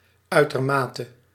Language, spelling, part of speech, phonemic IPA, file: Dutch, uitermate, adverb, /ˌœytərˈmatə/, Nl-uitermate.ogg
- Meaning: extremely